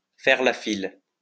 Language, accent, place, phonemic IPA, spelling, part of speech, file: French, France, Lyon, /fɛʁ la fil/, faire la file, verb, LL-Q150 (fra)-faire la file.wav
- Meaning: to line up, queue (to put oneself at the end of a queue)